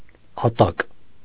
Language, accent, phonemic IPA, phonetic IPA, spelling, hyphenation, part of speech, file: Armenian, Eastern Armenian, /ɑˈtɑk/, [ɑtɑ́k], ատակ, ա‧տակ, noun / adjective, Hy-ատակ.ogg
- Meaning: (noun) 1. bottom, foundation 2. hell, underworld 3. abyss; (adjective) 1. capable 2. convenient; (noun) free time